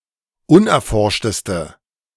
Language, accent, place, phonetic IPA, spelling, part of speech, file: German, Germany, Berlin, [ˈʊnʔɛɐ̯ˌfɔʁʃtəstə], unerforschteste, adjective, De-unerforschteste.ogg
- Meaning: inflection of unerforscht: 1. strong/mixed nominative/accusative feminine singular superlative degree 2. strong nominative/accusative plural superlative degree